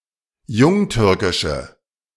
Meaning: inflection of jungtürkisch: 1. strong/mixed nominative/accusative feminine singular 2. strong nominative/accusative plural 3. weak nominative all-gender singular
- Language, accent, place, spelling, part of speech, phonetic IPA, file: German, Germany, Berlin, jungtürkische, adjective, [ˈjʊŋˌtʏʁkɪʃə], De-jungtürkische.ogg